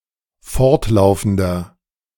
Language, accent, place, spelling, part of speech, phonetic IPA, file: German, Germany, Berlin, fortlaufender, adjective, [ˈfɔʁtˌlaʊ̯fn̩dɐ], De-fortlaufender.ogg
- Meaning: inflection of fortlaufend: 1. strong/mixed nominative masculine singular 2. strong genitive/dative feminine singular 3. strong genitive plural